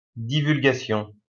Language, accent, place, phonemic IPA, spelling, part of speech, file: French, France, Lyon, /di.vyl.ɡa.sjɔ̃/, divulgation, noun, LL-Q150 (fra)-divulgation.wav
- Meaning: divulgation